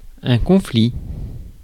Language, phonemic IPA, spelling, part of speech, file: French, /kɔ̃.fli/, conflit, noun, Fr-conflit.ogg
- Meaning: conflict (clash or disagreement)